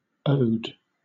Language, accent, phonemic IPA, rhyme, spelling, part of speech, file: English, Southern England, /əʊd/, -əʊd, ode, noun, LL-Q1860 (eng)-ode.wav
- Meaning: A short poetical composition proper to be set to music or sung; a lyric poem; especially, now, a poem characterized by sustained noble sentiment and appropriate dignity of style